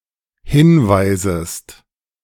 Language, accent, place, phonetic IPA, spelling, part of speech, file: German, Germany, Berlin, [ˈhɪnˌvaɪ̯zəst], hinweisest, verb, De-hinweisest.ogg
- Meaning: second-person singular dependent subjunctive I of hinweisen